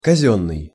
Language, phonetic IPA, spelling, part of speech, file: Russian, [kɐˈzʲɵnːɨj], казённый, adjective, Ru-казённый.ogg
- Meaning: 1. state, government 2. official, public 3. formal, perfunctory 4. commonplace 5. breech (of a rifle)